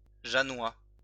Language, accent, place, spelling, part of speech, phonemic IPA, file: French, France, Lyon, jeannois, adjective, /ʒa.nwa/, LL-Q150 (fra)-jeannois.wav
- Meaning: of Lac-Saint-Jean, Lac Saint-Jean or of several other similarly-named places in France